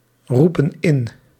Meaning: inflection of inroepen: 1. plural present indicative 2. plural present subjunctive
- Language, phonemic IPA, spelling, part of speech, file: Dutch, /ˈrupə(n) ˈɪn/, roepen in, verb, Nl-roepen in.ogg